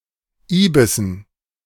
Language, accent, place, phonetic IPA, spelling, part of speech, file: German, Germany, Berlin, [ˈiːbɪsn̩], Ibissen, noun, De-Ibissen.ogg
- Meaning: dative plural of Ibis